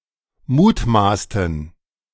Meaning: inflection of mutmaßen: 1. first/third-person plural preterite 2. first/third-person plural subjunctive II
- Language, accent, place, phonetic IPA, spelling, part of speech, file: German, Germany, Berlin, [ˈmuːtˌmaːstn̩], mutmaßten, verb, De-mutmaßten.ogg